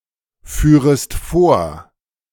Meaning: second-person singular subjunctive I of vorfahren
- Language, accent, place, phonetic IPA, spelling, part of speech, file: German, Germany, Berlin, [ˌfyːʁəst ˈfoːɐ̯], führest vor, verb, De-führest vor.ogg